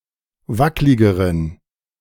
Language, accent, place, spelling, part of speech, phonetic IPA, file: German, Germany, Berlin, wackligeren, adjective, [ˈvaklɪɡəʁən], De-wackligeren.ogg
- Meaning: inflection of wacklig: 1. strong genitive masculine/neuter singular comparative degree 2. weak/mixed genitive/dative all-gender singular comparative degree